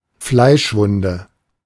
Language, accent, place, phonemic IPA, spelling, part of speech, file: German, Germany, Berlin, /ˈflaɪ̯ʃˌvʊndə/, Fleischwunde, noun, De-Fleischwunde.ogg
- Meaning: flesh wound